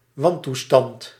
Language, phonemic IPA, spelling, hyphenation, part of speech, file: Dutch, /ˈʋɑn.tuˌstɑnt/, wantoestand, wan‧toe‧stand, noun, Nl-wantoestand.ogg
- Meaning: an incorrect, immoral or illegitimate condition or situation, a wrong